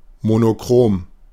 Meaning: monochrome (having only one colour)
- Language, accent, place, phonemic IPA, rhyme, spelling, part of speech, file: German, Germany, Berlin, /mo.no.ˈkʁoːm/, -oːm, monochrom, adjective, De-monochrom.ogg